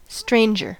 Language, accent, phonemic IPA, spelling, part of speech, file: English, US, /ˈstɹeɪnd͡ʒɚ/, stranger, adjective / noun / verb, En-us-stranger.ogg
- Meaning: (adjective) comparative form of strange: more strange; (noun) 1. A person whom one does not know; a person who is neither a friend nor an acquaintance 2. An outsider or foreigner